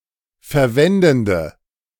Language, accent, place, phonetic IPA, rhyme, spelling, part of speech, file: German, Germany, Berlin, [fɛɐ̯ˈvɛndn̩də], -ɛndn̩də, verwendende, adjective, De-verwendende.ogg
- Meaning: inflection of verwendend: 1. strong/mixed nominative/accusative feminine singular 2. strong nominative/accusative plural 3. weak nominative all-gender singular